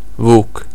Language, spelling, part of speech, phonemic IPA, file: Serbo-Croatian, vuk, noun, /vûːk/, Sr-vuk.ogg
- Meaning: wolf